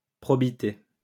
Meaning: probity
- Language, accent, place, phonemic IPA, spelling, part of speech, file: French, France, Lyon, /pʁɔ.bi.te/, probité, noun, LL-Q150 (fra)-probité.wav